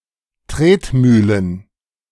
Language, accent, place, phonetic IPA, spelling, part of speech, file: German, Germany, Berlin, [ˈtʁeːtˌmyːlən], Tretmühlen, noun, De-Tretmühlen.ogg
- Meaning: plural of Tretmühle